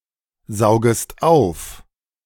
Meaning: second-person singular subjunctive I of aufsaugen
- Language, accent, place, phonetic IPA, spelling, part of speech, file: German, Germany, Berlin, [ˌzaʊ̯ɡəst ˈaʊ̯f], saugest auf, verb, De-saugest auf.ogg